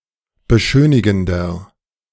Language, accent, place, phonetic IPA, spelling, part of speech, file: German, Germany, Berlin, [bəˈʃøːnɪɡn̩dɐ], beschönigender, adjective, De-beschönigender.ogg
- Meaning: 1. comparative degree of beschönigend 2. inflection of beschönigend: strong/mixed nominative masculine singular 3. inflection of beschönigend: strong genitive/dative feminine singular